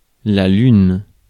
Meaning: 1. the Moon 2. any natural satellite of a planet 3. a month, particularly a lunar month
- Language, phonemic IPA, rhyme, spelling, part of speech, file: French, /lyn/, -yn, lune, noun, Fr-lune.ogg